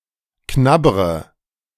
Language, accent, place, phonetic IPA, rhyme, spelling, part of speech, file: German, Germany, Berlin, [ˈknabʁə], -abʁə, knabbre, verb, De-knabbre.ogg
- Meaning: inflection of knabbern: 1. first-person singular present 2. first/third-person singular subjunctive I 3. singular imperative